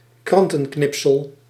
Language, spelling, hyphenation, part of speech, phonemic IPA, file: Dutch, krantenknipsel, kran‧ten‧knip‧sel, noun, /ˈkrɑn.tə(n)ˌknɪp.səl/, Nl-krantenknipsel.ogg
- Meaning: a newspaper cutting, a newspaper clipping